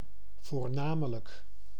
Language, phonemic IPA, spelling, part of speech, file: Dutch, /vorˈnamələk/, voornamelijk, adverb, Nl-voornamelijk.ogg
- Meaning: mainly, mostly; predominantly